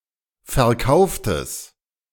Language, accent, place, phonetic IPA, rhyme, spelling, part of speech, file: German, Germany, Berlin, [fɛɐ̯ˈkaʊ̯ftəs], -aʊ̯ftəs, verkauftes, adjective, De-verkauftes.ogg
- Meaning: strong/mixed nominative/accusative neuter singular of verkauft